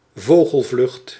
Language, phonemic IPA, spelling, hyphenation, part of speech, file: Dutch, /ˈvoː.ɣəlˌvlʏxt/, vogelvlucht, vo‧gel‧vlucht, noun, Nl-vogelvlucht.ogg
- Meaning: 1. a bird's flight 2. a concise general overview, a bird's-eye view 3. synonym of volière (“aviary”)